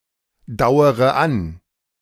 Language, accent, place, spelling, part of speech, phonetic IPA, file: German, Germany, Berlin, dauere an, verb, [ˌdaʊ̯əʁə ˈan], De-dauere an.ogg
- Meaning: inflection of andauern: 1. first-person singular present 2. first-person plural subjunctive I 3. third-person singular subjunctive I 4. singular imperative